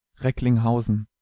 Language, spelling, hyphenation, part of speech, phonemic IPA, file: German, Recklinghausen, Reck‧ling‧hau‧sen, proper noun, /ˌʁɛklɪŋˈhaʊzn̩/, De-Recklinghausen.ogg
- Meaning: Recklinghausen (a city and rural district in the Ruhr Area, North Rhine-Westphalia, in western Germany)